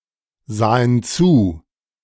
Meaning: first/third-person plural preterite of zusehen
- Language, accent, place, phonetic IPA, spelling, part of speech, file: German, Germany, Berlin, [ˌzaːən ˈt͡suː], sahen zu, verb, De-sahen zu.ogg